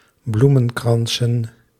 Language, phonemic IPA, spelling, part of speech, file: Dutch, /ˈblumə(n)ˌkrɑnsə(n)/, bloemenkransen, noun, Nl-bloemenkransen.ogg
- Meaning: plural of bloemenkrans